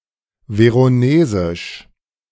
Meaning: of Verona; Veronese
- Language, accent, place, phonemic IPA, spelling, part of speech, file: German, Germany, Berlin, /ˌveʁoˈneːzɪʃ/, veronesisch, adjective, De-veronesisch.ogg